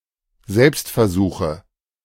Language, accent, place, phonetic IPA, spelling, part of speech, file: German, Germany, Berlin, [ˈzɛlpstfɛɐ̯ˌzuːxə], Selbstversuche, noun, De-Selbstversuche.ogg
- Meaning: nominative/accusative/genitive plural of Selbstversuch